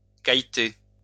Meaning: to gossip, chew the cud
- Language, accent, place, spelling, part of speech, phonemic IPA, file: French, France, Lyon, cailleter, verb, /kaj.te/, LL-Q150 (fra)-cailleter.wav